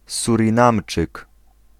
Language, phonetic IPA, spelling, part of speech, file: Polish, [ˌsurʲĩˈnãmt͡ʃɨk], Surinamczyk, noun, Pl-Surinamczyk.ogg